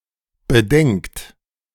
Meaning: inflection of bedenken: 1. third-person singular present 2. second-person plural present 3. plural imperative
- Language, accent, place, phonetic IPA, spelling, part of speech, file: German, Germany, Berlin, [bəˈdɛŋkt], bedenkt, verb, De-bedenkt.ogg